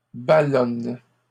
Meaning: inflection of ballonner: 1. first/third-person singular present indicative/subjunctive 2. second-person singular imperative
- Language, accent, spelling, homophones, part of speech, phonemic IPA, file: French, Canada, ballonne, ballonnent / ballonnes, verb, /ba.lɔn/, LL-Q150 (fra)-ballonne.wav